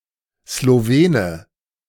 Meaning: Slovene (male or of unspecified gender) (person from Slovenia)
- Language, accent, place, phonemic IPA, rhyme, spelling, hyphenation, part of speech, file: German, Germany, Berlin, /sloˈveːnə/, -eːnə, Slowene, Slo‧we‧ne, noun, De-Slowene.ogg